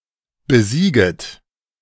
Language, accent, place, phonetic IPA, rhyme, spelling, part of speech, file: German, Germany, Berlin, [bəˈziːɡət], -iːɡət, besieget, verb, De-besieget.ogg
- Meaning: second-person plural subjunctive I of besiegen